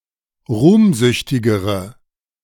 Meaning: inflection of ruhmsüchtig: 1. strong/mixed nominative/accusative feminine singular comparative degree 2. strong nominative/accusative plural comparative degree
- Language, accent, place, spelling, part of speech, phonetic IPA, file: German, Germany, Berlin, ruhmsüchtigere, adjective, [ˈʁuːmˌzʏçtɪɡəʁə], De-ruhmsüchtigere.ogg